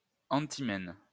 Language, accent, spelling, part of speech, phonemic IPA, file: French, France, enthymème, noun, /ɑ̃.ti.mɛm/, LL-Q150 (fra)-enthymème.wav
- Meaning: enthymeme